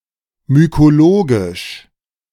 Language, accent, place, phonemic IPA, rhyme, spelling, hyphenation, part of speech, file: German, Germany, Berlin, /mykoˈloːɡɪʃ/, -oːɡɪʃ, mykologisch, my‧ko‧lo‧gisch, adjective, De-mykologisch.ogg
- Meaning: mycological